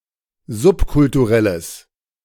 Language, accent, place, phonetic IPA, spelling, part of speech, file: German, Germany, Berlin, [ˈzʊpkʊltuˌʁɛləs], subkulturelles, adjective, De-subkulturelles.ogg
- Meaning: strong/mixed nominative/accusative neuter singular of subkulturell